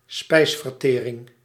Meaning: digestion
- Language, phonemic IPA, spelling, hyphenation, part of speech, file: Dutch, /ˈspɛisfərˌterɪŋ/, spijsvertering, spijs‧ver‧te‧ring, noun, Nl-spijsvertering.ogg